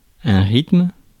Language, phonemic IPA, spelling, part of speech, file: French, /ʁitm/, rythme, noun, Fr-rythme.ogg
- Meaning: rhythm